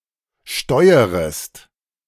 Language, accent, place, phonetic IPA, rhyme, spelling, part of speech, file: German, Germany, Berlin, [ˈʃtɔɪ̯əʁəst], -ɔɪ̯əʁəst, steuerest, verb, De-steuerest.ogg
- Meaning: second-person singular subjunctive I of steuern